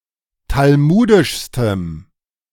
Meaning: strong dative masculine/neuter singular superlative degree of talmudisch
- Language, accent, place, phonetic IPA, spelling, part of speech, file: German, Germany, Berlin, [talˈmuːdɪʃstəm], talmudischstem, adjective, De-talmudischstem.ogg